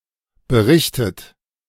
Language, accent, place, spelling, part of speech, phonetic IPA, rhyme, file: German, Germany, Berlin, berichtet, verb, [bəˈʁɪçtət], -ɪçtət, De-berichtet.ogg
- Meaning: 1. past participle of berichten 2. inflection of berichten: third-person singular present 3. inflection of berichten: second-person plural present 4. inflection of berichten: plural imperative